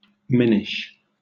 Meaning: Like or characteristic of men
- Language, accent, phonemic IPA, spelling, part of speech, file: English, Southern England, /ˈmɛn.ɪʃ/, mennish, adjective, LL-Q1860 (eng)-mennish.wav